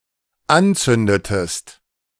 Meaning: inflection of anzünden: 1. second-person singular dependent preterite 2. second-person singular dependent subjunctive II
- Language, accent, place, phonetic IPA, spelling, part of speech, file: German, Germany, Berlin, [ˈanˌt͡sʏndətəst], anzündetest, verb, De-anzündetest.ogg